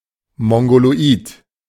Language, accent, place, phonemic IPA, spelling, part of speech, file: German, Germany, Berlin, /ˌmɔŋɡoloˈʔiːt/, mongoloid, adjective, De-mongoloid.ogg
- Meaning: affected by the Down syndrome; mongoloid